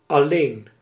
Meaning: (adjective) 1. alone, by oneself 2. lonely; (adverb) 1. only, exclusively 2. just, only, merely
- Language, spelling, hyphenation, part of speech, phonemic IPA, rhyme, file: Dutch, alleen, al‧leen, adjective / adverb, /ɑˈleːn/, -eːn, Nl-alleen.ogg